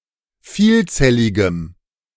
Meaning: strong dative masculine/neuter singular of vielzellig
- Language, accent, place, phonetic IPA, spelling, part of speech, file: German, Germany, Berlin, [ˈfiːlˌt͡sɛlɪɡəm], vielzelligem, adjective, De-vielzelligem.ogg